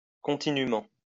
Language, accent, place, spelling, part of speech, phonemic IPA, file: French, France, Lyon, continûment, adverb, /kɔ̃.ti.ny.mɑ̃/, LL-Q150 (fra)-continûment.wav
- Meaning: continuously